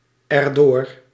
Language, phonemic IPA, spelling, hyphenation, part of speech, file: Dutch, /ɛrˈdoːr/, erdoor, er‧door, adverb, Nl-erdoor.ogg
- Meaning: pronominal adverb form of door + het